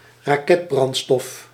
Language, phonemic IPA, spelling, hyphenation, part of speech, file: Dutch, /raːˈkɛtˌbrɑn(t).stɔf/, raketbrandstof, ra‧ket‧brand‧stof, noun, Nl-raketbrandstof.ogg
- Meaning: rocket fuel